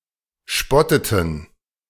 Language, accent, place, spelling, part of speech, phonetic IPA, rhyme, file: German, Germany, Berlin, spotteten, verb, [ˈʃpɔtətn̩], -ɔtətn̩, De-spotteten.ogg
- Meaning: inflection of spotten: 1. first/third-person plural preterite 2. first/third-person plural subjunctive II